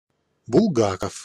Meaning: 1. a surname, Bulgakov 2. The former name, from its founding until 1917 (or before), of Плюще́вка (Pljuščévka)
- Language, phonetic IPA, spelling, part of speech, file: Russian, [bʊɫˈɡakəf], Булгаков, proper noun, Ru-Булгаков.ogg